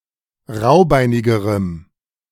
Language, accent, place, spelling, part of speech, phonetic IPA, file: German, Germany, Berlin, raubeinigerem, adjective, [ˈʁaʊ̯ˌbaɪ̯nɪɡəʁəm], De-raubeinigerem.ogg
- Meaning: strong dative masculine/neuter singular comparative degree of raubeinig